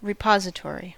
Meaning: A location for storage, often for safety or preservation
- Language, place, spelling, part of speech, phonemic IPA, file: English, California, repository, noun / adjective, /ɹɪˈpɑ.zɪˌtɔɹ.i/, En-us-repository.ogg